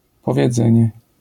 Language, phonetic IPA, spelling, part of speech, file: Polish, [ˌpɔvʲjɛˈd͡zɛ̃ɲɛ], powiedzenie, noun, LL-Q809 (pol)-powiedzenie.wav